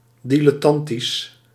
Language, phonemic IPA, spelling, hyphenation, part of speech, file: Dutch, /ˌdi.lɛˈtɑn.tis/, dilettantisch, di‧let‧tan‧tisch, adjective, Nl-dilettantisch.ogg
- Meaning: like a dilettant(e), amateurish